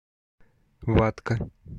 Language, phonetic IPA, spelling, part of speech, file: Russian, [ˈvatkə], ватка, noun, Ru-ватка.ogg
- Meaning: 1. piece of absorbent cotton 2. endearing diminutive of ва́та (váta, “absorbent cotton”)